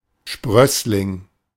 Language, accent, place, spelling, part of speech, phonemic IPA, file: German, Germany, Berlin, Sprössling, noun, /ˈʃpʁœslɪŋ/, De-Sprössling.ogg
- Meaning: 1. offspring 2. offshoot, slip, sprig, scion